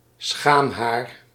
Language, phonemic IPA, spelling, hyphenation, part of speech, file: Dutch, /ˈsxaːm.ɦaːr/, schaamhaar, schaam‧haar, noun, Nl-schaamhaar.ogg
- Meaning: 1. a single pubic hair 2. pubic hair, hairgrowth in the pubic region